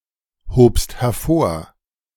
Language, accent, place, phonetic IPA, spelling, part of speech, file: German, Germany, Berlin, [ˌhoːpst hɛɐ̯ˈfoːɐ̯], hobst hervor, verb, De-hobst hervor.ogg
- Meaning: second-person singular preterite of hervorheben